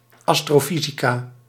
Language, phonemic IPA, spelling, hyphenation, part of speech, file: Dutch, /ˌɑstroːˈfizikaː/, astrofysica, as‧tro‧fy‧si‧ca, noun, Nl-astrofysica.ogg
- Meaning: astrophysics